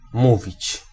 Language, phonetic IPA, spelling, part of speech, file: Polish, [ˈmuvʲit͡ɕ], mówić, verb, Pl-mówić.ogg